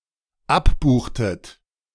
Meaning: inflection of abbuchen: 1. second-person plural dependent preterite 2. second-person plural dependent subjunctive II
- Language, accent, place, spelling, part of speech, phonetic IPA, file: German, Germany, Berlin, abbuchtet, verb, [ˈapˌbuːxtət], De-abbuchtet.ogg